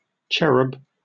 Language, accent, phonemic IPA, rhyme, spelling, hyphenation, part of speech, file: English, Received Pronunciation, /ˈt͡ʃɛ.ɹəb/, -ɛɹəb, cherub, che‧rub, noun, En-uk-cherub.oga